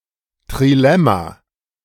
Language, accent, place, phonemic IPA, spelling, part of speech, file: German, Germany, Berlin, /tʁiˈlɛma/, Trilemma, noun, De-Trilemma.ogg
- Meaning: trilemma